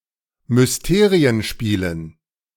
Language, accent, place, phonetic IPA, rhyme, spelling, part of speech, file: German, Germany, Berlin, [mʏsˈteːʁiənˌʃpiːlən], -eːʁiənʃpiːlən, Mysterienspielen, noun, De-Mysterienspielen.ogg
- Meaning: dative plural of Mysterienspiel